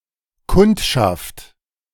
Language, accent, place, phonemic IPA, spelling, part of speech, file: German, Germany, Berlin, /ˈkʊntʃaft/, Kundschaft, noun, De-Kundschaft.ogg
- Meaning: 1. clientele, customers, clients, customer base 2. scouting for information; information, cognizance